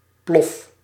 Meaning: inflection of ploffen: 1. first-person singular present indicative 2. second-person singular present indicative 3. imperative
- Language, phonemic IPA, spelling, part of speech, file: Dutch, /plɔf/, plof, noun / interjection / verb, Nl-plof.ogg